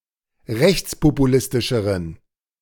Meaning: inflection of rechtspopulistisch: 1. strong genitive masculine/neuter singular comparative degree 2. weak/mixed genitive/dative all-gender singular comparative degree
- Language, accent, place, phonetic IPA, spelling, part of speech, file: German, Germany, Berlin, [ˈʁɛçt͡spopuˌlɪstɪʃəʁən], rechtspopulistischeren, adjective, De-rechtspopulistischeren.ogg